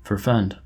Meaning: To prohibit; to forbid; to avert
- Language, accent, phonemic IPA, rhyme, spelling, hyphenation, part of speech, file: English, US, /fɔɹˈfɛnd/, -ɛnd, forfend, for‧fend, verb, En-us-forfend.oga